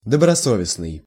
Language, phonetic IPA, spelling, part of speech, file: Russian, [dəbrɐˈsovʲɪsnɨj], добросовестный, adjective, Ru-добросовестный.ogg
- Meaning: conscientious, fair